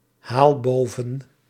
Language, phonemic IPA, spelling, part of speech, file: Dutch, /ˈhal ˈbovə(n)/, haal boven, verb, Nl-haal boven.ogg
- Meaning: inflection of bovenhalen: 1. first-person singular present indicative 2. second-person singular present indicative 3. imperative